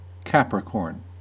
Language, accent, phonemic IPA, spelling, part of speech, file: English, US, /ˈkæp.ɹɪˌkɔɹn/, Capricorn, proper noun / noun / verb, En-us-Capricorn.ogg
- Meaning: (proper noun) Synonym of Capricornus (constellation)